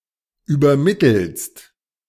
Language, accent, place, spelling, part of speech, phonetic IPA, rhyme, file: German, Germany, Berlin, übermittelst, verb, [yːbɐˈmɪtl̩st], -ɪtl̩st, De-übermittelst.ogg
- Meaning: second-person singular present of übermitteln